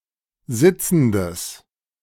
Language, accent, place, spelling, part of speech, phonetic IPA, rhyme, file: German, Germany, Berlin, sitzendes, adjective, [ˈzɪt͡sn̩dəs], -ɪt͡sn̩dəs, De-sitzendes.ogg
- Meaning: strong/mixed nominative/accusative neuter singular of sitzend